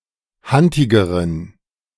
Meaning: inflection of hantig: 1. strong genitive masculine/neuter singular comparative degree 2. weak/mixed genitive/dative all-gender singular comparative degree
- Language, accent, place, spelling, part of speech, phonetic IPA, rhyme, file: German, Germany, Berlin, hantigeren, adjective, [ˈhantɪɡəʁən], -antɪɡəʁən, De-hantigeren.ogg